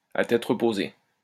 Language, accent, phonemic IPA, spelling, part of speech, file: French, France, /a tɛt ʁə.po.ze/, à tête reposée, adverb, LL-Q150 (fra)-à tête reposée.wav
- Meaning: in the cold light of day, with a clear head, when one can give one's full attention; calmly, at one's leisure